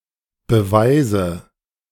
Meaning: inflection of beweisen: 1. first-person singular present 2. first/third-person singular subjunctive I 3. singular imperative
- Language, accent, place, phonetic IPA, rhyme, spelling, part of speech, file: German, Germany, Berlin, [bəˈvaɪ̯zə], -aɪ̯zə, beweise, verb, De-beweise.ogg